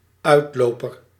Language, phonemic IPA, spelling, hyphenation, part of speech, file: Dutch, /ˈœy̯tˌloːpər/, uitloper, uit‧lo‧per, noun, Nl-uitloper.ogg
- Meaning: 1. an offshoot 2. one who is sent out 3. outlying area; foothill (usually in the plural)